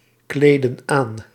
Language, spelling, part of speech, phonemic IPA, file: Dutch, kleedden aan, verb, /ˈkledə(n) ˈan/, Nl-kleedden aan.ogg
- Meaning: inflection of aankleden: 1. plural past indicative 2. plural past subjunctive